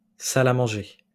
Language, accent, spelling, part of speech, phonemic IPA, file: French, France, salle à manger, noun, /sa.l‿a mɑ̃.ʒe/, LL-Q150 (fra)-salle à manger.wav
- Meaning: dining room